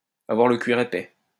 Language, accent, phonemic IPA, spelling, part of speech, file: French, France, /a.vwaʁ lə kɥiʁ e.pɛ/, avoir le cuir épais, verb, LL-Q150 (fra)-avoir le cuir épais.wav
- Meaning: to be thick-skinned (not to be easily offended)